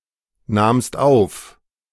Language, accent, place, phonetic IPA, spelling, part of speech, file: German, Germany, Berlin, [ˌnaːmst ˈaʊ̯f], nahmst auf, verb, De-nahmst auf.ogg
- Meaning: second-person singular preterite of aufnehmen